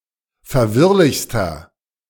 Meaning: inflection of verwirrlich: 1. strong/mixed nominative masculine singular superlative degree 2. strong genitive/dative feminine singular superlative degree 3. strong genitive plural superlative degree
- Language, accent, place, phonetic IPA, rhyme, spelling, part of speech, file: German, Germany, Berlin, [fɛɐ̯ˈvɪʁlɪçstɐ], -ɪʁlɪçstɐ, verwirrlichster, adjective, De-verwirrlichster.ogg